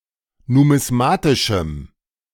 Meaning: strong dative masculine/neuter singular of numismatisch
- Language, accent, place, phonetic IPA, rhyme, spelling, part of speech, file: German, Germany, Berlin, [numɪsˈmaːtɪʃm̩], -aːtɪʃm̩, numismatischem, adjective, De-numismatischem.ogg